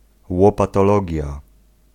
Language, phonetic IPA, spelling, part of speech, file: Polish, [ˌwɔpatɔˈlɔɟja], łopatologia, noun, Pl-łopatologia.ogg